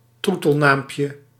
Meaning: diminutive of troetelnaam
- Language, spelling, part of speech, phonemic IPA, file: Dutch, troetelnaampje, noun, /ˈtrutəlˌnampjə/, Nl-troetelnaampje.ogg